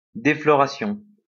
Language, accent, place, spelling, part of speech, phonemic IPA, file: French, France, Lyon, défloration, noun, /de.flɔ.ʁa.sjɔ̃/, LL-Q150 (fra)-défloration.wav
- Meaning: defloration, deflowering